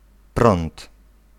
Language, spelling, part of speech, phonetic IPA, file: Polish, prąd, noun, [prɔ̃nt], Pl-prąd.ogg